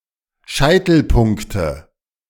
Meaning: nominative/accusative/genitive plural of Scheitelpunkt
- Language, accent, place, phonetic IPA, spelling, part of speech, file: German, Germany, Berlin, [ˈʃaɪ̯tl̩ˌpʊŋktə], Scheitelpunkte, noun, De-Scheitelpunkte.ogg